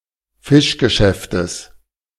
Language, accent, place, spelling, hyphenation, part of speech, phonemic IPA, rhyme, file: German, Germany, Berlin, Fischgeschäftes, Fisch‧ge‧schäf‧tes, noun, /ˈfɪʃɡəˌʃɛftəs/, -ɛftəs, De-Fischgeschäftes.ogg
- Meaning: genitive singular of Fischgeschäft